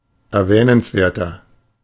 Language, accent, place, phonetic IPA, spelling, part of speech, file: German, Germany, Berlin, [ɛɐ̯ˈvɛːnənsˌveːɐ̯tɐ], erwähnenswerter, adjective, De-erwähnenswerter.ogg
- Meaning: inflection of erwähnenswert: 1. strong/mixed nominative masculine singular 2. strong genitive/dative feminine singular 3. strong genitive plural